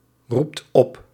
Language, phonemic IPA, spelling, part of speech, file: Dutch, /ˈrupt ˈɔp/, roept op, verb, Nl-roept op.ogg
- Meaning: inflection of oproepen: 1. second/third-person singular present indicative 2. plural imperative